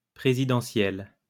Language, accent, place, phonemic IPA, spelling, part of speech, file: French, France, Lyon, /pʁe.zi.dɑ̃.sjɛl/, présidentielle, noun / adjective, LL-Q150 (fra)-présidentielle.wav
- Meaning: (noun) presidential election; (adjective) feminine singular of présidentiel